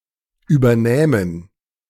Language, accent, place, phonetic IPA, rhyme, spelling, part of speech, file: German, Germany, Berlin, [ˌyːbɐˈnɛːmən], -ɛːmən, übernähmen, verb, De-übernähmen.ogg
- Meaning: first/third-person plural subjunctive II of übernehmen